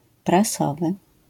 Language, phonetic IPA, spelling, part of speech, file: Polish, [praˈsɔvɨ], prasowy, adjective, LL-Q809 (pol)-prasowy.wav